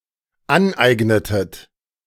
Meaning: inflection of aneignen: 1. second-person plural dependent preterite 2. second-person plural dependent subjunctive II
- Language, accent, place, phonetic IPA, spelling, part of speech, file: German, Germany, Berlin, [ˈanˌʔaɪ̯ɡnətət], aneignetet, verb, De-aneignetet.ogg